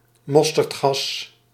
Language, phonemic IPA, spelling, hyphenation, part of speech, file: Dutch, /ˈmɔs.tərtˌxɑs/, mosterdgas, mos‧terd‧gas, noun, Nl-mosterdgas.ogg
- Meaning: mustard gas